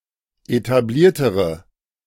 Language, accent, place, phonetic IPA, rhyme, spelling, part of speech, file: German, Germany, Berlin, [etaˈbliːɐ̯təʁə], -iːɐ̯təʁə, etabliertere, adjective, De-etabliertere.ogg
- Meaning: inflection of etabliert: 1. strong/mixed nominative/accusative feminine singular comparative degree 2. strong nominative/accusative plural comparative degree